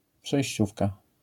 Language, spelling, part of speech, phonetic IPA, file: Polish, przejściówka, noun, [pʃɛjɕˈt͡ɕufka], LL-Q809 (pol)-przejściówka.wav